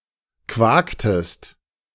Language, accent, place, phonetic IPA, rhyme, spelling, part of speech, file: German, Germany, Berlin, [ˈkvaːktəst], -aːktəst, quaktest, verb, De-quaktest.ogg
- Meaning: inflection of quaken: 1. second-person singular preterite 2. second-person singular subjunctive II